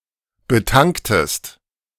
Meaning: inflection of betanken: 1. second-person singular preterite 2. second-person singular subjunctive II
- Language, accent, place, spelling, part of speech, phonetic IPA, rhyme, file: German, Germany, Berlin, betanktest, verb, [bəˈtaŋktəst], -aŋktəst, De-betanktest.ogg